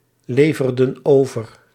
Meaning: inflection of overleveren: 1. plural past indicative 2. plural past subjunctive
- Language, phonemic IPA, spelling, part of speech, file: Dutch, /ˈlevərdə(n) ˈovər/, leverden over, verb, Nl-leverden over.ogg